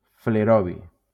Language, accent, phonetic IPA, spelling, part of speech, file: Catalan, Valencia, [fleˈɾɔ.vi], flerovi, noun, LL-Q7026 (cat)-flerovi.wav
- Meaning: flerovium